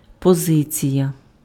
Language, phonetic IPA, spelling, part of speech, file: Ukrainian, [pɔˈzɪt͡sʲijɐ], позиція, noun, Uk-позиція.ogg
- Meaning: position